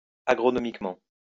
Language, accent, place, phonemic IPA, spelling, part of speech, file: French, France, Lyon, /a.ɡʁɔ.nɔ.mik.mɑ̃/, agronomiquement, adverb, LL-Q150 (fra)-agronomiquement.wav
- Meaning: agronomically